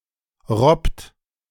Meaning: inflection of robben: 1. third-person singular present 2. second-person plural present 3. plural imperative
- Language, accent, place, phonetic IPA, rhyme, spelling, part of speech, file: German, Germany, Berlin, [ʁɔpt], -ɔpt, robbt, verb, De-robbt.ogg